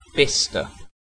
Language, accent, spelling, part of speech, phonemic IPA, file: English, UK, Bicester, proper noun, /ˈbɪs.tə/, En-uk-Bicester.ogg
- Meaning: A town and civil parish with a town council in Cherwell district, Oxfordshire, England (OS grid ref SP5822)